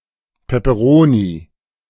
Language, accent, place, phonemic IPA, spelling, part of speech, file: German, Germany, Berlin, /pepəˈʁoːni/, Peperoni, noun, De-Peperoni.ogg
- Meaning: 1. chili pepper 2. bell pepper